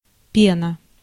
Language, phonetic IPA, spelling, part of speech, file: Russian, [ˈpʲenə], пена, noun, Ru-пена.ogg
- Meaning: 1. foam, spume, scum, froth 2. lather